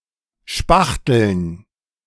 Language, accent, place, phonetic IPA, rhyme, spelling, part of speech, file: German, Germany, Berlin, [ˈʃpaxtl̩n], -axtl̩n, Spachteln, noun, De-Spachteln.ogg
- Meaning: dative plural of Spachtel